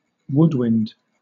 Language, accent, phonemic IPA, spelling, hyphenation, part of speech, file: English, Southern England, /ˈwʊdwɪnd/, woodwind, wood‧wind, noun, LL-Q1860 (eng)-woodwind.wav